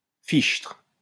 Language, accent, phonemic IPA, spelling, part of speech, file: French, France, /fiʃtʁ/, fichtre, interjection / adverb, LL-Q150 (fra)-fichtre.wav
- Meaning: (interjection) gosh!; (adverb) adds emphasis to what the speaker is saying